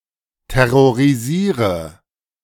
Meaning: inflection of terrorisieren: 1. first-person singular present 2. first/third-person singular subjunctive I 3. singular imperative
- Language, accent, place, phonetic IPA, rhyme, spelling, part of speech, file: German, Germany, Berlin, [tɛʁoʁiˈziːʁə], -iːʁə, terrorisiere, verb, De-terrorisiere.ogg